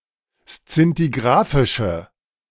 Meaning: inflection of szintigrafisch: 1. strong/mixed nominative/accusative feminine singular 2. strong nominative/accusative plural 3. weak nominative all-gender singular
- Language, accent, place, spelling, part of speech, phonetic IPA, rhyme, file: German, Germany, Berlin, szintigrafische, adjective, [st͡sɪntiˈɡʁaːfɪʃə], -aːfɪʃə, De-szintigrafische.ogg